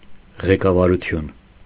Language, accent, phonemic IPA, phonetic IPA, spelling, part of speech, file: Armenian, Eastern Armenian, /ʁekɑvɑɾuˈtʰjun/, [ʁekɑvɑɾut͡sʰjún], ղեկավարություն, noun, Hy-ղեկավարություն.ogg
- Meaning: 1. leadership; guidance; supervision; direction 2. leaders, leadership; governing body; the management